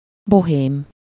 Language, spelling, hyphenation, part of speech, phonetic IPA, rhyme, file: Hungarian, bohém, bo‧hém, adjective / noun, [ˈboɦeːm], -eːm, Hu-bohém.ogg
- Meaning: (adjective) bohemian